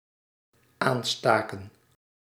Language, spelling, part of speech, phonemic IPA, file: Dutch, aanstaken, verb, /ˈanstakə(n)/, Nl-aanstaken.ogg
- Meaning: inflection of aansteken: 1. plural dependent-clause past indicative 2. plural dependent-clause past subjunctive